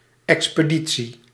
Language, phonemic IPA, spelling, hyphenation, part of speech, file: Dutch, /ˌɛks.pəˈdi.(t)si/, expeditie, ex‧pe‧di‧tie, noun, Nl-expeditie.ogg
- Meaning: 1. expedition 2. transport of goods